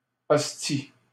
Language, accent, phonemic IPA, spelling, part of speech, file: French, Canada, /ɔs.ti/, hostie, noun, LL-Q150 (fra)-hostie.wav
- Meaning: 1. the host used in church 2. alternative form of ostie